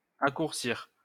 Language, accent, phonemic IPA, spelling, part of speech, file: French, France, /a.kuʁ.siʁ/, accourcir, verb, LL-Q150 (fra)-accourcir.wav
- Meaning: to shorten